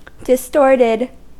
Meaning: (adjective) Unnatural in shape or size; abnormal; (verb) simple past and past participle of distort
- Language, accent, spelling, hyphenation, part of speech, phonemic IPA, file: English, US, distorted, dis‧tort‧ed, adjective / verb, /dɪsˈtɔɹtɪd/, En-us-distorted.ogg